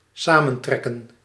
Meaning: to shrivel up
- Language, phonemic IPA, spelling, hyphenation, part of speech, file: Dutch, /ˈsamə(n)ˌtrɛkə(n)/, samentrekken, sa‧men‧trek‧ken, verb, Nl-samentrekken.ogg